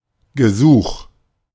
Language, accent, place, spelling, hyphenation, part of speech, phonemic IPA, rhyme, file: German, Germany, Berlin, Gesuch, Ge‧such, noun, /ɡəˈzuːx/, -uːx, De-Gesuch.ogg
- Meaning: 1. application 2. petition 3. request